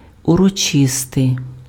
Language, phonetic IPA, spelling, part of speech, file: Ukrainian, [ʊrɔˈt͡ʃɪstei̯], урочистий, adjective, Uk-урочистий.ogg
- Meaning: 1. solemn (characterized by or performed with appropriate or great ceremony or formality) 2. ceremonial 3. gala (attributive)